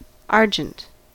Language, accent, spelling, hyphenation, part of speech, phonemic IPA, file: English, US, argent, ar‧gent, noun / adjective, /ˈɑɹd͡ʒənt/, En-us-argent.ogg
- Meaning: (noun) 1. The metal silver 2. The white or silver tincture on a coat of arms 3. Whiteness; anything that is white 4. A moth of the genus Argyresthia; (adjective) Of silver or silver-coloured